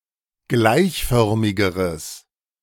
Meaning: strong/mixed nominative/accusative neuter singular comparative degree of gleichförmig
- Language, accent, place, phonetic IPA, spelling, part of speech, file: German, Germany, Berlin, [ˈɡlaɪ̯çˌfœʁmɪɡəʁəs], gleichförmigeres, adjective, De-gleichförmigeres.ogg